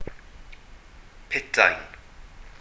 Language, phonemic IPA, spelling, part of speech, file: Welsh, /ˈpɪtai̯n/, putain, noun, Cy-putain.ogg
- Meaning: prostitute, harlot, whore